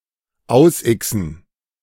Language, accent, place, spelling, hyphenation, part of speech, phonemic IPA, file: German, Germany, Berlin, ausixen, aus‧ixen, verb, /ˈaʊ̯sˌʔɪksn̩/, De-ausixen.ogg
- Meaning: to cross out